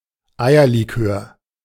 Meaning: advocaat (alcoholic liqueur made from brandy, sugar, and egg yolks)
- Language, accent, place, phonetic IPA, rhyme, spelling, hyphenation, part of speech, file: German, Germany, Berlin, [ˈaɪ̯ɐliˌkøːɐ̯], -øːɐ̯, Eierlikör, Ei‧er‧li‧kör, noun, De-Eierlikör.ogg